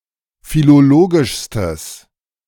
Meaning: strong/mixed nominative/accusative neuter singular superlative degree of philologisch
- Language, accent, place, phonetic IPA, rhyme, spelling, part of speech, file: German, Germany, Berlin, [filoˈloːɡɪʃstəs], -oːɡɪʃstəs, philologischstes, adjective, De-philologischstes.ogg